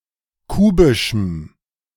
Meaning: strong dative masculine/neuter singular of kubisch
- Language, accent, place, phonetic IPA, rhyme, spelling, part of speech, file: German, Germany, Berlin, [ˈkuːbɪʃm̩], -uːbɪʃm̩, kubischem, adjective, De-kubischem.ogg